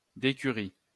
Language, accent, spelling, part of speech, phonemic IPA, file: French, France, décurie, noun, /de.ky.ʁi/, LL-Q150 (fra)-décurie.wav
- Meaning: decury